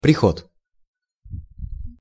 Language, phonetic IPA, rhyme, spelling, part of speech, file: Russian, [prʲɪˈxot], -ot, приход, noun, Ru-приход.ogg
- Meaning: 1. arrival, coming; trip 2. receipt, credit, income 3. parish, congregation 4. onset of a drug, immediately preceding the buzz